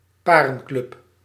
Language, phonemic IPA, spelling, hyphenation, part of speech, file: Dutch, /ˈpaː.rə(n)ˌklʏp/, parenclub, pa‧ren‧club, noun, Nl-parenclub.ogg
- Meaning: swingers' club